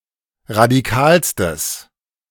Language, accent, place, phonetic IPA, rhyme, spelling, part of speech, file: German, Germany, Berlin, [ʁadiˈkaːlstəs], -aːlstəs, radikalstes, adjective, De-radikalstes.ogg
- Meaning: strong/mixed nominative/accusative neuter singular superlative degree of radikal